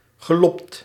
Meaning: past participle of lobben
- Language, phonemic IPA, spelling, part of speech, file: Dutch, /ɣəˈlɔpt/, gelobd, adjective / verb, Nl-gelobd.ogg